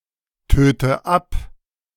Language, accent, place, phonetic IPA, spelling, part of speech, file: German, Germany, Berlin, [ˌtøːtə ˈap], töte ab, verb, De-töte ab.ogg
- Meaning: inflection of abtöten: 1. first-person singular present 2. first/third-person singular subjunctive I 3. singular imperative